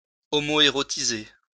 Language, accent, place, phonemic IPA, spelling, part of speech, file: French, France, Lyon, /ɔ.mɔ.e.ʁɔ.ti.ze/, homoérotiser, verb, LL-Q150 (fra)-homoérotiser.wav
- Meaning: to homoeroticize